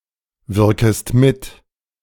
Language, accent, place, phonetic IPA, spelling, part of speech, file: German, Germany, Berlin, [ˌvɪʁkəst ˈmɪt], wirkest mit, verb, De-wirkest mit.ogg
- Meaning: second-person singular subjunctive I of mitwirken